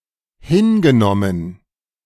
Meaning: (verb) past participle of hinnehmen; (adjective) accepted, tolerated
- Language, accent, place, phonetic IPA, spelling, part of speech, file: German, Germany, Berlin, [ˈhɪnɡəˌnɔmən], hingenommen, verb, De-hingenommen.ogg